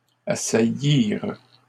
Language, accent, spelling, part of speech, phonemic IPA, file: French, Canada, assaillirent, verb, /a.sa.jiʁ/, LL-Q150 (fra)-assaillirent.wav
- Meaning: third-person plural past historic of assaillir